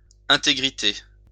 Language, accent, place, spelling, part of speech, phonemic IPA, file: French, France, Lyon, intégrité, noun, /ɛ̃.te.ɡʁi.te/, LL-Q150 (fra)-intégrité.wav
- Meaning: integrity